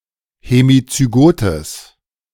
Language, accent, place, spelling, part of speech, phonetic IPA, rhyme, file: German, Germany, Berlin, hemizygotes, adjective, [hemit͡syˈɡoːtəs], -oːtəs, De-hemizygotes.ogg
- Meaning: strong/mixed nominative/accusative neuter singular of hemizygot